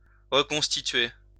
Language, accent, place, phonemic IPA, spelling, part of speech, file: French, France, Lyon, /ʁə.kɔ̃s.ti.tɥe/, reconstituer, verb, LL-Q150 (fra)-reconstituer.wav
- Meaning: 1. to re-form (a group, association) 2. to recreate (a past time, decor, etc.) 3. to reconstruct (a crime) 4. to piece together again (something broken)